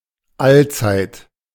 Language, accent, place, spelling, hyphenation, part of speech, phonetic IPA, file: German, Germany, Berlin, allzeit, all‧zeit, adverb, [ˈalt͡saɪ̯t], De-allzeit.ogg
- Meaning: always